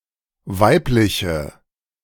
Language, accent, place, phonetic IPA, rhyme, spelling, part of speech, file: German, Germany, Berlin, [ˈvaɪ̯plɪçə], -aɪ̯plɪçə, weibliche, adjective, De-weibliche.ogg
- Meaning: inflection of weiblich: 1. strong/mixed nominative/accusative feminine singular 2. strong nominative/accusative plural 3. weak nominative all-gender singular